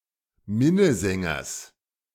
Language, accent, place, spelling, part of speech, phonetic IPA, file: German, Germany, Berlin, Minnesängers, noun, [ˈmɪnəˌzɛŋɐs], De-Minnesängers.ogg
- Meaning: genitive of Minnesänger